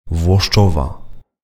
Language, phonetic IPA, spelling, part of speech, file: Polish, [vwɔʃˈt͡ʃɔva], Włoszczowa, proper noun, Pl-Włoszczowa.ogg